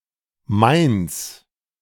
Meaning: alternative form of meines
- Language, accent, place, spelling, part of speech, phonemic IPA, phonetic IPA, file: German, Germany, Berlin, meins, pronoun, /maɪ̯ns/, [maɪ̯nt͡s], De-meins.ogg